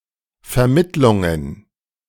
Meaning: plural of Vermittlung
- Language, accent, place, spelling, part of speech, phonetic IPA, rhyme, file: German, Germany, Berlin, Vermittlungen, noun, [fɛɐ̯ˈmɪtlʊŋən], -ɪtlʊŋən, De-Vermittlungen.ogg